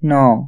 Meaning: nine
- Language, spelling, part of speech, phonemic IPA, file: Odia, ନଅ, numeral, /n̪ɔɔ/, Or-ନଅ.ogg